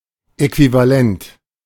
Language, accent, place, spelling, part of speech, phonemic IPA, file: German, Germany, Berlin, Äquivalent, noun, /ˌɛkvivaˈlɛnt/, De-Äquivalent.ogg
- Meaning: equivalent